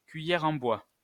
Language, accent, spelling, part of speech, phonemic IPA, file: French, France, cuillère en bois, noun, /kɥi.jɛ.ʁ‿ɑ̃ bwa/, LL-Q150 (fra)-cuillère en bois.wav
- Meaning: 1. wooden spoon (implement) 2. wooden spoon (prize for coming last)